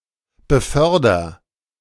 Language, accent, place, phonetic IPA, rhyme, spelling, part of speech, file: German, Germany, Berlin, [bəˈfœʁdɐ], -œʁdɐ, beförder, verb, De-beförder.ogg
- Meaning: inflection of befördern: 1. first-person singular present 2. singular imperative